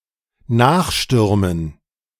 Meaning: to rush after
- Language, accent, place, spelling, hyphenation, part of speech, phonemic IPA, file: German, Germany, Berlin, nachstürmen, nach‧stür‧men, verb, /ˈnaːxˌʃtʏʁmən/, De-nachstürmen.ogg